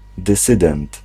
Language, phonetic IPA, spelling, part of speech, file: Polish, [dɨˈsɨdɛ̃nt], dysydent, noun, Pl-dysydent.ogg